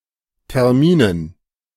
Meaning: dative plural of Termin
- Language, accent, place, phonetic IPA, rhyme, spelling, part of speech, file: German, Germany, Berlin, [tɛʁˈmiːnən], -iːnən, Terminen, noun, De-Terminen.ogg